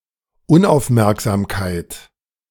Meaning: inattentiveness
- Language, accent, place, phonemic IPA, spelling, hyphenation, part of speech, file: German, Germany, Berlin, /ˈʊnʔaʊ̯fˌmɛʁkzaːmkaɪ̯t/, Unaufmerksamkeit, Un‧auf‧merk‧sam‧keit, noun, De-Unaufmerksamkeit.ogg